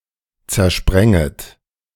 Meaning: second-person plural subjunctive I of zersprengen
- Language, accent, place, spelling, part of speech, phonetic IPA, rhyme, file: German, Germany, Berlin, zersprenget, verb, [t͡sɛɐ̯ˈʃpʁɛŋət], -ɛŋət, De-zersprenget.ogg